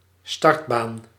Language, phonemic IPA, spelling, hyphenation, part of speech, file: Dutch, /ˈstɑrt.baːn/, startbaan, start‧baan, noun, Nl-startbaan.ogg
- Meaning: runway